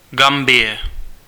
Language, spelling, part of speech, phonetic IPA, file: Czech, Gambie, proper noun, [ˈɡambɪjɛ], Cs-Gambie.ogg
- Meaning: 1. Gambia (a country in West Africa) 2. Gambia (a river in West Africa)